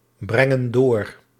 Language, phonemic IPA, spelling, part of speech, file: Dutch, /ˈbrɛŋə(n) ˈdor/, brengen door, verb, Nl-brengen door.ogg
- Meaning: inflection of doorbrengen: 1. plural present indicative 2. plural present subjunctive